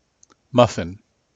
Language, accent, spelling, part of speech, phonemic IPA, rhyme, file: English, US, muffin, noun / verb, /ˈmʌf.ɪn/, -ʌfɪn, En-us-muffin.ogg
- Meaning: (noun) A type of flattish bun, usually cut in two horizontally, toasted and spread with butter, etc., before being eaten